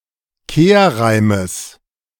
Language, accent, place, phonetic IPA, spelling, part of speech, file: German, Germany, Berlin, [ˈkeːɐ̯ˌʁaɪ̯məs], Kehrreimes, noun, De-Kehrreimes.ogg
- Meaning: genitive singular of Kehrreim